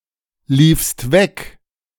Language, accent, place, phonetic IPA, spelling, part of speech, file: German, Germany, Berlin, [ˌliːfst ˈvɛk], liefst weg, verb, De-liefst weg.ogg
- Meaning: second-person singular preterite of weglaufen